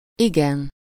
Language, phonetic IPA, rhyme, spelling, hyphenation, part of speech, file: Hungarian, [ˈiɡɛn], -ɛn, igen, igen, adverb / interjection / noun, Hu-igen.ogg
- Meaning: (adverb) quite, very, rather, highly; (interjection) yes